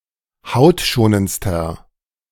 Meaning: inflection of hautschonend: 1. strong/mixed nominative masculine singular superlative degree 2. strong genitive/dative feminine singular superlative degree 3. strong genitive plural superlative degree
- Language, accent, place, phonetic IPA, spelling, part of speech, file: German, Germany, Berlin, [ˈhaʊ̯tˌʃoːnənt͡stɐ], hautschonendster, adjective, De-hautschonendster.ogg